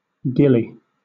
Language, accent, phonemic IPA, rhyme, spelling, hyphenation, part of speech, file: English, Southern England, /ˈɡɪli/, -ɪli, gillie, gil‧lie, noun / verb, LL-Q1860 (eng)-gillie.wav
- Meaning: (noun) 1. A male attendant of a Scottish Highland chief 2. A fishing and hunting guide; a man or boy who attends to a person who is fishing or hunting, especially in Scotland